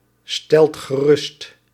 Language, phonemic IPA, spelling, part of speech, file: Dutch, /ˈstɛlt ɣəˈrʏst/, stelt gerust, verb, Nl-stelt gerust.ogg
- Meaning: inflection of geruststellen: 1. second/third-person singular present indicative 2. plural imperative